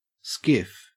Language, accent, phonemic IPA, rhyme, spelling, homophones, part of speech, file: English, Australia, /skɪf/, -ɪf, skiff, SCIF, noun / verb, En-au-skiff.ogg
- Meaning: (noun) 1. A small flat-bottomed open boat with a pointed bow and square stern 2. Any of various types of boats small enough for sailing or rowing by one person; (verb) To navigate in a skiff